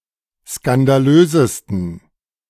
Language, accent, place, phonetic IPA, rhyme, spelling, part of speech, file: German, Germany, Berlin, [skandaˈløːzəstn̩], -øːzəstn̩, skandalösesten, adjective, De-skandalösesten.ogg
- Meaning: 1. superlative degree of skandalös 2. inflection of skandalös: strong genitive masculine/neuter singular superlative degree